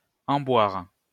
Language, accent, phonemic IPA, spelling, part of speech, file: French, France, /ɑ̃.bwaʁ/, emboire, verb, LL-Q150 (fra)-emboire.wav
- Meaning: 1. to impregnate 2. to take a dark colour